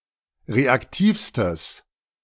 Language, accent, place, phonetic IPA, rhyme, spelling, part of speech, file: German, Germany, Berlin, [ˌʁeakˈtiːfstəs], -iːfstəs, reaktivstes, adjective, De-reaktivstes.ogg
- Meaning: strong/mixed nominative/accusative neuter singular superlative degree of reaktiv